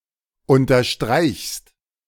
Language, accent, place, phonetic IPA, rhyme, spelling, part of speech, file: German, Germany, Berlin, [ˌʊntɐˈʃtʁaɪ̯çst], -aɪ̯çst, unterstreichst, verb, De-unterstreichst.ogg
- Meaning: second-person singular present of unterstreichen